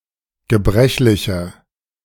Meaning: 1. comparative degree of gebrechlich 2. inflection of gebrechlich: strong/mixed nominative masculine singular 3. inflection of gebrechlich: strong genitive/dative feminine singular
- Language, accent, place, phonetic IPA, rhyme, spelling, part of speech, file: German, Germany, Berlin, [ɡəˈbʁɛçlɪçɐ], -ɛçlɪçɐ, gebrechlicher, adjective, De-gebrechlicher.ogg